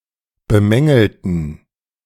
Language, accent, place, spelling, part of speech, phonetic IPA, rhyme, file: German, Germany, Berlin, bemängelten, adjective / verb, [bəˈmɛŋl̩tn̩], -ɛŋl̩tn̩, De-bemängelten.ogg
- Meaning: inflection of bemängeln: 1. first/third-person plural preterite 2. first/third-person plural subjunctive II